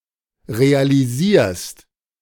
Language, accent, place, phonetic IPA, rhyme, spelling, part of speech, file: German, Germany, Berlin, [ʁealiˈziːɐ̯st], -iːɐ̯st, realisierst, verb, De-realisierst.ogg
- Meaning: second-person singular present of realisieren